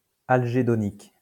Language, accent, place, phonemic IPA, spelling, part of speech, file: French, France, Lyon, /al.ʒe.dɔ.nik/, algédonique, adjective, LL-Q150 (fra)-algédonique.wav
- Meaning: algedonic